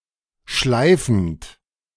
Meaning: present participle of schleifen
- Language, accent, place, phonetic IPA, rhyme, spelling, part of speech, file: German, Germany, Berlin, [ˈʃlaɪ̯fn̩t], -aɪ̯fn̩t, schleifend, verb, De-schleifend.ogg